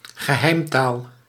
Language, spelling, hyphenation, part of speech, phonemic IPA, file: Dutch, geheimtaal, ge‧heim‧taal, noun, /ɣəˈɦɛi̯mˌtaːl/, Nl-geheimtaal.ogg
- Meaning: a cant, a secret language